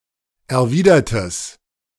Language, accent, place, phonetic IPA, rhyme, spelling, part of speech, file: German, Germany, Berlin, [ɛɐ̯ˈviːdɐtəs], -iːdɐtəs, erwidertes, adjective, De-erwidertes.ogg
- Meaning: strong/mixed nominative/accusative neuter singular of erwidert